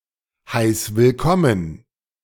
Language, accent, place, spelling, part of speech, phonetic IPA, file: German, Germany, Berlin, heiß willkommen, verb, [ˌhaɪ̯s vɪlˈkɔmən], De-heiß willkommen.ogg
- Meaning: singular imperative of willkommen heißen